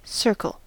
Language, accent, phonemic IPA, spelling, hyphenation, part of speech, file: English, US, /ˈsɜɹkəl/, circle, cir‧cle, noun / verb, En-us-circle.ogg
- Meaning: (noun) A two-dimensional geometric figure, a line, consisting of the set of all those points in a plane that are equally distant from a given point (center)